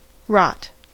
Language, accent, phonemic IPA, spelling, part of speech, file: English, General American, /ɹɑt/, rot, verb / noun, En-us-rot.ogg
- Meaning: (verb) 1. To suffer decomposition due to biological action, especially by fungi or bacteria 2. To decline in function or utility 3. To (cause to) deteriorate in any way, as in morals; to corrupt